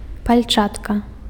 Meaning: glove
- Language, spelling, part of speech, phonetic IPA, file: Belarusian, пальчатка, noun, [palʲˈt͡ʂatka], Be-пальчатка.ogg